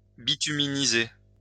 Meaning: to bituminize
- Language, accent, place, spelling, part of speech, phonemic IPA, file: French, France, Lyon, bituminiser, verb, /bi.ty.mi.ni.ze/, LL-Q150 (fra)-bituminiser.wav